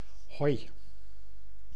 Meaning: 1. A greeting acknowledging someone’s arrival or presence, comparable to English hey, hi 2. A farewell acknowledging someone's departure, comparable to English goodbye, bye 3. An exclamation of joy
- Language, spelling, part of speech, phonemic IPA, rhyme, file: Dutch, hoi, interjection, /ɦɔi̯/, -ɔi̯, Nl-hoi.ogg